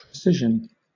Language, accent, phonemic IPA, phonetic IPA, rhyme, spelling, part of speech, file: English, Southern England, /pɹɪˈsɪʒ.ən/, [pɹɪˈsɪʒ.n̩], -ɪʒən, precision, noun / adjective, LL-Q1860 (eng)-precision.wav
- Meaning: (noun) 1. The state of being precise or exact; especially, both exact and accurate 2. The ability of a measurement to be reproduced consistently